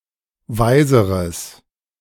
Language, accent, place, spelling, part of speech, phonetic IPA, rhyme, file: German, Germany, Berlin, weiseres, adjective, [ˈvaɪ̯zəʁəs], -aɪ̯zəʁəs, De-weiseres.ogg
- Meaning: strong/mixed nominative/accusative neuter singular comparative degree of weise